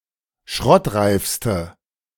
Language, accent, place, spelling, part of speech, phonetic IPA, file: German, Germany, Berlin, schrottreifste, adjective, [ˈʃʁɔtˌʁaɪ̯fstə], De-schrottreifste.ogg
- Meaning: inflection of schrottreif: 1. strong/mixed nominative/accusative feminine singular superlative degree 2. strong nominative/accusative plural superlative degree